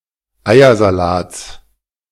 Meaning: genitive singular of Eiersalat
- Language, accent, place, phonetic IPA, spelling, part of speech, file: German, Germany, Berlin, [ˈaɪ̯ɐzaˌlaːt͡s], Eiersalats, noun, De-Eiersalats.ogg